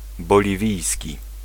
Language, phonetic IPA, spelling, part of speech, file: Polish, [ˌbɔlʲiˈvʲijsʲci], boliwijski, adjective, Pl-boliwijski.ogg